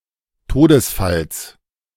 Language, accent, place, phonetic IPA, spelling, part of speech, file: German, Germany, Berlin, [ˈtoːdəsˌfals], Todesfalls, noun, De-Todesfalls.ogg
- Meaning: genitive singular of Todesfall